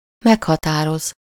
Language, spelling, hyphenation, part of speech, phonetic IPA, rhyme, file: Hungarian, meghatároz, meg‧ha‧tá‧roz, verb, [ˈmɛkhɒtaːroz], -oz, Hu-meghatároz.ogg
- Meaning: to name, identify, define, specify